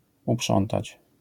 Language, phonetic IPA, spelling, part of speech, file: Polish, [uˈpʃɔ̃ntat͡ɕ], uprzątać, verb, LL-Q809 (pol)-uprzątać.wav